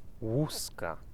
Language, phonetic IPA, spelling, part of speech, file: Polish, [ˈwuska], łuska, noun, Pl-łuska.ogg